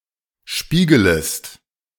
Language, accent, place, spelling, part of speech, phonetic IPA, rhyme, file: German, Germany, Berlin, spiegelest, verb, [ˈʃpiːɡələst], -iːɡələst, De-spiegelest.ogg
- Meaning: second-person singular subjunctive I of spiegeln